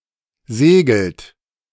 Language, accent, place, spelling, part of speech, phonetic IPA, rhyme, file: German, Germany, Berlin, segelt, verb, [ˈzeːɡl̩t], -eːɡl̩t, De-segelt.ogg
- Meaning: inflection of segeln: 1. third-person singular present 2. second-person plural present 3. plural imperative